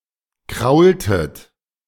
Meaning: inflection of kraulen: 1. second-person plural preterite 2. second-person plural subjunctive II
- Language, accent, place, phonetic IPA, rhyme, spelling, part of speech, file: German, Germany, Berlin, [ˈkʁaʊ̯ltət], -aʊ̯ltət, kraultet, verb, De-kraultet.ogg